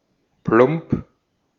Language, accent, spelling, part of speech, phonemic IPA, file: German, Austria, plump, adjective, /plʊmp/, De-at-plump.ogg
- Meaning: 1. dumpy, squat, bulky (roundish and misshapen) 2. clumsy, heavy, graceless, inelegant 3. brash, tactless, crude